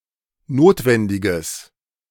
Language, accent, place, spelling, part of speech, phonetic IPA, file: German, Germany, Berlin, notwendiges, adjective, [ˈnoːtvɛndɪɡəs], De-notwendiges.ogg
- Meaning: strong/mixed nominative/accusative neuter singular of notwendig